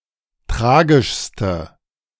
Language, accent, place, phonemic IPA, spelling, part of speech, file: German, Germany, Berlin, /ˈtʁaːɡɪʃstə/, tragischste, adjective, De-tragischste.ogg
- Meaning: inflection of tragisch: 1. strong/mixed nominative/accusative feminine singular superlative degree 2. strong nominative/accusative plural superlative degree